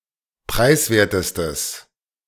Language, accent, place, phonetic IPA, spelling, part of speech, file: German, Germany, Berlin, [ˈpʁaɪ̯sˌveːɐ̯təstəs], preiswertestes, adjective, De-preiswertestes.ogg
- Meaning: strong/mixed nominative/accusative neuter singular superlative degree of preiswert